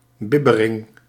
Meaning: shiver, tremble
- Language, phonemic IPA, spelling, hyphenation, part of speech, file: Dutch, /ˈbɪ.bə.rɪŋ/, bibbering, bib‧be‧ring, noun, Nl-bibbering.ogg